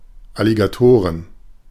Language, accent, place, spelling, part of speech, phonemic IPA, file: German, Germany, Berlin, Alligatoren, noun, /aliɡaˈtoːʁən/, De-Alligatoren.ogg
- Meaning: plural of Alligator